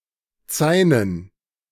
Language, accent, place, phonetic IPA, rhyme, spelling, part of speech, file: German, Germany, Berlin, [ˈt͡saɪ̯nən], -aɪ̯nən, Zainen, noun, De-Zainen.ogg
- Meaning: 1. plural of Zaine 2. dative plural of Zain